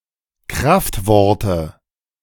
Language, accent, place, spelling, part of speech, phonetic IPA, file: German, Germany, Berlin, Kraftworte, noun, [ˈkʁaftˌvɔʁtə], De-Kraftworte.ogg
- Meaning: nominative/accusative/genitive plural of Kraftwort